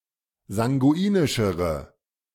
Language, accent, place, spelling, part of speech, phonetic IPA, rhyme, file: German, Germany, Berlin, sanguinischere, adjective, [zaŋɡuˈiːnɪʃəʁə], -iːnɪʃəʁə, De-sanguinischere.ogg
- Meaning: inflection of sanguinisch: 1. strong/mixed nominative/accusative feminine singular comparative degree 2. strong nominative/accusative plural comparative degree